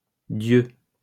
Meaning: plural of dieu
- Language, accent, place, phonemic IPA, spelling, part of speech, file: French, France, Lyon, /djø/, dieux, noun, LL-Q150 (fra)-dieux.wav